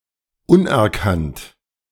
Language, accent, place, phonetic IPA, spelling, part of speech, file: German, Germany, Berlin, [ˈʊnʔɛɐ̯ˌkant], unerkannt, adjective, De-unerkannt.ogg
- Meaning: 1. unrecognised, incognito 2. undiagnosed